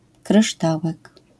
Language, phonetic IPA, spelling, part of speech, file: Polish, [krɨˈʃtawɛk], kryształek, noun, LL-Q809 (pol)-kryształek.wav